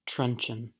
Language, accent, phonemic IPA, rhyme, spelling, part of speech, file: English, US, /ˈtɹʌnt͡ʃən/, -ʌnt͡ʃən, truncheon, noun / verb, En-us-truncheon.ogg
- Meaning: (noun) 1. A short staff, a club; a cudgel 2. A baton, or military staff of command, now especially the stick carried by a police officer